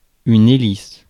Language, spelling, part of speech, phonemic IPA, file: French, hélice, noun, /e.lis/, Fr-hélice.ogg
- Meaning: 1. helix (blade) 2. propeller 3. helix